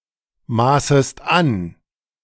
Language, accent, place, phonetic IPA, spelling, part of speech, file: German, Germany, Berlin, [ˌmaːsəst ˈan], maßest an, verb, De-maßest an.ogg
- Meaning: second-person singular subjunctive I of anmaßen